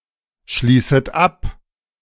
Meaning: second-person plural subjunctive I of abschließen
- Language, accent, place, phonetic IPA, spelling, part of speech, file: German, Germany, Berlin, [ˌʃliːsət ˈap], schließet ab, verb, De-schließet ab.ogg